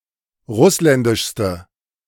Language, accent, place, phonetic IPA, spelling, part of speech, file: German, Germany, Berlin, [ˈʁʊslɛndɪʃstə], russländischste, adjective, De-russländischste.ogg
- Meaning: inflection of russländisch: 1. strong/mixed nominative/accusative feminine singular superlative degree 2. strong nominative/accusative plural superlative degree